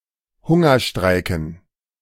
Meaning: dative plural of Hungerstreik
- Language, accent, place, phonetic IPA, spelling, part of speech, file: German, Germany, Berlin, [ˈhʊŋɐˌʃtʁaɪ̯kn̩], Hungerstreiken, noun, De-Hungerstreiken.ogg